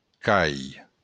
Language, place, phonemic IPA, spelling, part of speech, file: Occitan, Béarn, /ˈkai/, cai, noun, LL-Q14185 (oci)-cai.wav
- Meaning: dock, quay